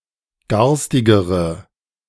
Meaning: inflection of garstig: 1. strong/mixed nominative/accusative feminine singular comparative degree 2. strong nominative/accusative plural comparative degree
- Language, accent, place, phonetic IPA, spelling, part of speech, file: German, Germany, Berlin, [ˈɡaʁstɪɡəʁə], garstigere, adjective, De-garstigere.ogg